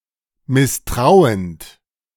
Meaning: present participle of misstrauen
- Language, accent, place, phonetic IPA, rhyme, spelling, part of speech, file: German, Germany, Berlin, [mɪsˈtʁaʊ̯ənt], -aʊ̯ənt, misstrauend, verb, De-misstrauend.ogg